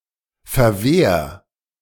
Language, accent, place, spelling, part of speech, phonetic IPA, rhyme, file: German, Germany, Berlin, verwehr, verb, [fɛɐ̯ˈveːɐ̯], -eːɐ̯, De-verwehr.ogg
- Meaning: 1. singular imperative of verwehren 2. first-person singular present of verwehren